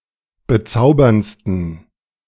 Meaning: 1. superlative degree of bezaubernd 2. inflection of bezaubernd: strong genitive masculine/neuter singular superlative degree
- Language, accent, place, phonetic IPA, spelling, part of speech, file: German, Germany, Berlin, [bəˈt͡saʊ̯bɐnt͡stn̩], bezauberndsten, adjective, De-bezauberndsten.ogg